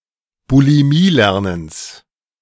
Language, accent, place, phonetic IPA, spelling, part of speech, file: German, Germany, Berlin, [buliˈmiːˌlɛʁnəns], Bulimielernens, noun, De-Bulimielernens.ogg
- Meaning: genitive of Bulimielernen